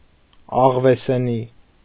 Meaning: 1. fur/skin of a fox 2. coat or throat wrap made of fox fur
- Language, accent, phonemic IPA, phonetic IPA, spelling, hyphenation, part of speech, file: Armenian, Eastern Armenian, /ɑʁveseˈni/, [ɑʁvesení], աղվեսենի, աղ‧վե‧սե‧նի, noun, Hy-աղվեսենի.ogg